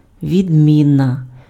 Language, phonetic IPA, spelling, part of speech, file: Ukrainian, [ʋʲidʲˈmʲinɐ], відміна, noun, Uk-відміна.ogg
- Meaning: 1. difference, distinction 2. variant, variety 3. declension (group or class of words)